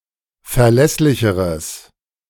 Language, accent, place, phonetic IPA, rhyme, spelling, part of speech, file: German, Germany, Berlin, [fɛɐ̯ˈlɛslɪçəʁəs], -ɛslɪçəʁəs, verlässlicheres, adjective, De-verlässlicheres.ogg
- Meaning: strong/mixed nominative/accusative neuter singular comparative degree of verlässlich